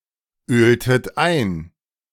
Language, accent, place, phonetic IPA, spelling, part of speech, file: German, Germany, Berlin, [ˌøːltət ˈaɪ̯n], öltet ein, verb, De-öltet ein.ogg
- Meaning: inflection of einölen: 1. second-person plural preterite 2. second-person plural subjunctive II